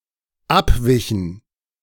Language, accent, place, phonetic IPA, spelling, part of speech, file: German, Germany, Berlin, [ˈapˌvɪçn̩], abwichen, verb, De-abwichen.ogg
- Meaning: inflection of abweichen: 1. first/third-person plural dependent preterite 2. first/third-person plural dependent subjunctive II